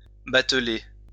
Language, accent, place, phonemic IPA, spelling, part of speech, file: French, France, Lyon, /bat.le/, bateler, verb, LL-Q150 (fra)-bateler.wav
- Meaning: 1. to conjure (do magic tricks) 2. to juggle